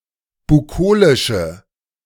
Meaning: inflection of bukolisch: 1. strong/mixed nominative/accusative feminine singular 2. strong nominative/accusative plural 3. weak nominative all-gender singular
- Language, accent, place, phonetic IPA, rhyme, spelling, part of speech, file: German, Germany, Berlin, [buˈkoːlɪʃə], -oːlɪʃə, bukolische, adjective, De-bukolische.ogg